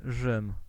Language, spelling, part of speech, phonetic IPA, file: Polish, Rzym, proper noun, [ʒɨ̃m], Pl-Rzym.ogg